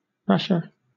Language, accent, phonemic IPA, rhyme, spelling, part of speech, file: English, Southern England, /ˈɹæʃə(ɹ)/, -æʃə(ɹ), rasher, adjective / noun / verb, LL-Q1860 (eng)-rasher.wav
- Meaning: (adjective) comparative form of rash: more rash; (noun) 1. A strip of bacon; a piece of bacon 2. A strip, a piece (of something, such as ham, bacon, etc); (verb) To cut into rashers